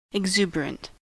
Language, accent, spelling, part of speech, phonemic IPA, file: English, US, exuberant, adjective, /ɪɡˈzuːbəɹənt/, En-us-exuberant.ogg
- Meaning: 1. Very cheery and peppy; extremely cheerful, energetic and enthusiastic 2. Abundant, luxuriant